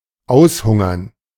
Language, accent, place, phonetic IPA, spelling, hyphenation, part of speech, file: German, Germany, Berlin, [ˈaʊ̯sˌhʊŋɐn], aushungern, aus‧hun‧gern, verb, De-aushungern.ogg
- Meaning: to starve out